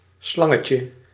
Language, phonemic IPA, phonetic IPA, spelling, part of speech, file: Dutch, /ˈslɑŋətjə/, [ˈslɑŋət͡ɕə], slangetje, noun, Nl-slangetje.ogg
- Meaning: diminutive of slang